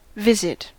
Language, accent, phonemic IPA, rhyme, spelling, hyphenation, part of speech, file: English, US, /ˈvɪzɪt/, -ɪzɪt, visit, vis‧it, verb / noun, En-us-visit.ogg
- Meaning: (verb) To habitually go to (someone in distress, sickness etc.) to comfort them. (Now generally merged into later senses, below.)